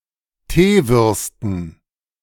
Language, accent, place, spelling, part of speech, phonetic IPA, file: German, Germany, Berlin, Teewürsten, noun, [ˈteːˌvʏʁstn̩], De-Teewürsten.ogg
- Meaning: dative plural of Teewurst